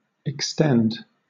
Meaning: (verb) 1. To increase in extent 2. To possess a certain extent; to cover an amount of space 3. To cause to increase in extent 4. To cause to last for a longer period of time 5. To straighten (a limb)
- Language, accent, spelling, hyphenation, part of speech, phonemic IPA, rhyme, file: English, Southern England, extend, ex‧tend, verb / noun, /ɛkˈstɛnd/, -ɛnd, LL-Q1860 (eng)-extend.wav